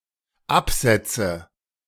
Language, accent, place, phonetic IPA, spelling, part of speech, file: German, Germany, Berlin, [ˈapˌz̥ɛt͡sə], absetze, verb, De-absetze.ogg
- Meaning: inflection of absetzen: 1. first-person singular dependent present 2. first/third-person singular dependent subjunctive I